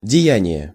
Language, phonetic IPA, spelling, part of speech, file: Russian, [dʲɪˈjænʲɪje], деяние, noun, Ru-деяние.ogg
- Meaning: deed, act, action, exploit (heroic or extraordinary deed)